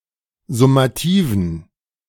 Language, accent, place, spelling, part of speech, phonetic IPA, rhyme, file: German, Germany, Berlin, summativen, adjective, [zʊmaˈtiːvn̩], -iːvn̩, De-summativen.ogg
- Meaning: inflection of summativ: 1. strong genitive masculine/neuter singular 2. weak/mixed genitive/dative all-gender singular 3. strong/weak/mixed accusative masculine singular 4. strong dative plural